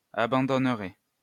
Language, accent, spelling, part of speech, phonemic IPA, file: French, France, abandonnerais, verb, /a.bɑ̃.dɔn.ʁɛ/, LL-Q150 (fra)-abandonnerais.wav
- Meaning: first/second-person singular conditional of abandonner